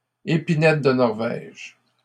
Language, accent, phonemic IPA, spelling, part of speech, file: French, Canada, /e.pi.nɛt də nɔʁ.vɛʒ/, épinette de Norvège, noun, LL-Q150 (fra)-épinette de Norvège.wav
- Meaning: Norway spruce (Picea abies)